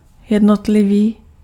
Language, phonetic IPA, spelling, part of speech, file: Czech, [ˈjɛdnotlɪviː], jednotlivý, adjective, Cs-jednotlivý.ogg
- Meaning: individual, single (relating to a single person or thing)